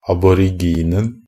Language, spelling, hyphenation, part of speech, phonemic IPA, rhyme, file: Norwegian Bokmål, aboriginen, ab‧or‧ig‧in‧en, noun, /abɔrɪˈɡiːnn̩/, -iːnn̩, NB - Pronunciation of Norwegian Bokmål «aboriginen».ogg
- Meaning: definite singular of aborigin